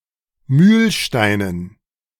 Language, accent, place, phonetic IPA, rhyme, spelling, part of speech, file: German, Germany, Berlin, [ˈmyːlˌʃtaɪ̯nən], -yːlʃtaɪ̯nən, Mühlsteinen, noun, De-Mühlsteinen.ogg
- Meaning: dative plural of Mühlstein